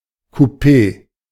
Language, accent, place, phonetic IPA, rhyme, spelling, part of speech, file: German, Germany, Berlin, [kuˈpeː], -eː, Coupé, noun, De-Coupé.ogg
- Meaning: 1. coupé 2. train compartment